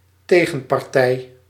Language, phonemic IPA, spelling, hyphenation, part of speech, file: Dutch, /ˈteː.ɣə(n).pɑrˌtɛi̯/, tegenpartij, te‧gen‧par‧tij, noun, Nl-tegenpartij.ogg
- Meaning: opposing team, opposing party (group of competitive, military, political or legal opponents)